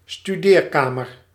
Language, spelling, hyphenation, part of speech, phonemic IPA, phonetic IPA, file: Dutch, studeerkamer, stu‧deer‧ka‧mer, noun, /styˈdeːrˌkaː.mər/, [styˈdɪːrˌka(ː).mər], Nl-studeerkamer.ogg
- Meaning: study (room for studies)